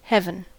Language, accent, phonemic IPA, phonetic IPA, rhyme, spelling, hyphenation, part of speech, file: English, General American, /ˈhɛvən/, [ˈhɛvn̩], -ɛvən, heaven, heav‧en, noun / verb / adjective, En-us-heaven.ogg
- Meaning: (noun) The sky, specifically: The distant sky in which the sun, moon, and stars appear or move; the firmament; the celestial spheres